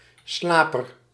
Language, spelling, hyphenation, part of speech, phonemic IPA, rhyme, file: Dutch, slaper, sla‧per, noun, /ˈslaː.pər/, -aːpər, Nl-slaper.ogg
- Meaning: 1. a sleeper, one who sleeps 2. a dyke that doesn't function as a water barrier but is capable of acting as a reserve barrier